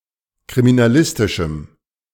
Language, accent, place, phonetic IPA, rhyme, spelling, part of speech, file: German, Germany, Berlin, [kʁiminaˈlɪstɪʃm̩], -ɪstɪʃm̩, kriminalistischem, adjective, De-kriminalistischem.ogg
- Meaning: strong dative masculine/neuter singular of kriminalistisch